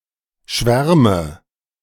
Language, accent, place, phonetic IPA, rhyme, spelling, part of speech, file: German, Germany, Berlin, [ˈʃvɛʁmə], -ɛʁmə, schwärme, verb, De-schwärme.ogg
- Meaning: inflection of schwärmen: 1. first-person singular present 2. first/third-person singular subjunctive I 3. singular imperative